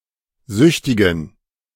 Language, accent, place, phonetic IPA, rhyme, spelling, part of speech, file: German, Germany, Berlin, [ˈzʏçtɪɡn̩], -ʏçtɪɡn̩, süchtigen, adjective, De-süchtigen.ogg
- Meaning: inflection of süchtig: 1. strong genitive masculine/neuter singular 2. weak/mixed genitive/dative all-gender singular 3. strong/weak/mixed accusative masculine singular 4. strong dative plural